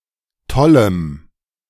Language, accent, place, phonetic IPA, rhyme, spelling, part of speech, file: German, Germany, Berlin, [ˈtɔləm], -ɔləm, tollem, adjective, De-tollem.ogg
- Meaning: strong dative masculine/neuter singular of toll